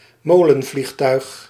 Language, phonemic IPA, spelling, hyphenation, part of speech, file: Dutch, /ˈmoː.lə(n)ˌvlix.tœy̯x/, molenvliegtuig, mo‧len‧vlieg‧tuig, noun, Nl-molenvliegtuig.ogg
- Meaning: autogiro